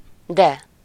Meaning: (adverb) how!, very much; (conjunction) 1. but 2. yes!, surely! (used as a positive contradiction to a negative statement)
- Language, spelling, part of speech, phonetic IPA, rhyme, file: Hungarian, de, adverb / conjunction, [ˈdɛ], -dɛ, Hu-de.ogg